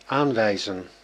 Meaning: 1. to point at 2. to point out, indicate 3. to appoint, designate 4. to attest, to demonstrate
- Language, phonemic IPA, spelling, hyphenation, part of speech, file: Dutch, /ˈaːnˌʋɛi̯zə(n)/, aanwijzen, aan‧wij‧zen, verb, Nl-aanwijzen.ogg